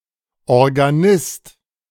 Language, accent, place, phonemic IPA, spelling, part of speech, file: German, Germany, Berlin, /ɔʁɡaˈnɪst/, Organist, noun, De-Organist.ogg
- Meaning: organist